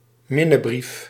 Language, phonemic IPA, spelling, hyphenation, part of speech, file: Dutch, /ˈmɪ.nəˌbrif/, minnebrief, min‧ne‧brief, noun, Nl-minnebrief.ogg
- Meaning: a love letter